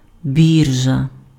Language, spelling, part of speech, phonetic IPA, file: Ukrainian, біржа, noun, [ˈbʲirʒɐ], Uk-біржа.ogg
- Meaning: exchange, market (venue for conducting trading)